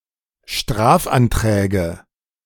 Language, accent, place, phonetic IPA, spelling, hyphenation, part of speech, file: German, Germany, Berlin, [ˈʃtʁaːfʔanˌtʁɛːɡə], Strafanträge, Straf‧an‧trä‧ge, noun, De-Strafanträge.ogg
- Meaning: nominative/accusative/genitive plural of Strafantrag